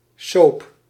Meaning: soap opera
- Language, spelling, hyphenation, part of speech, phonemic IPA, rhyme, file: Dutch, soap, soap, noun, /soːp/, -oːp, Nl-soap.ogg